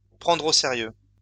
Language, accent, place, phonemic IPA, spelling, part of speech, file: French, France, Lyon, /pʁɑ̃.dʁ‿o se.ʁjø/, prendre au sérieux, verb, LL-Q150 (fra)-prendre au sérieux.wav
- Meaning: 1. to take seriously 2. to take seriously: to take oneself seriously